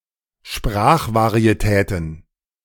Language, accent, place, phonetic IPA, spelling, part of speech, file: German, Germany, Berlin, [ˈʃpʁaːxvaʁieˌtɛːtn̩], Sprachvarietäten, noun, De-Sprachvarietäten.ogg
- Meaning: plural of Sprachvarietät